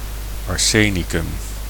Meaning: arsenic
- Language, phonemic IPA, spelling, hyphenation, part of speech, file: Dutch, /ɑrˈseː.ni.kʏm/, arsenicum, ar‧se‧ni‧cum, noun, Nl-arsenicum.ogg